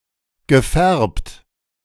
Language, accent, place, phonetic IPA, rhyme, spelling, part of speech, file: German, Germany, Berlin, [ɡəˈfɛʁpt], -ɛʁpt, gefärbt, verb, De-gefärbt.ogg
- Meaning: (verb) past participle of färben; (adjective) 1. dyed 2. coloured